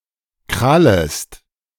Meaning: second-person singular subjunctive I of krallen
- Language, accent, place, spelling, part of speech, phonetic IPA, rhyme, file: German, Germany, Berlin, krallest, verb, [ˈkʁaləst], -aləst, De-krallest.ogg